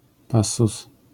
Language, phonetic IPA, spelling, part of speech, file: Polish, [ˈpasːus], passus, noun, LL-Q809 (pol)-passus.wav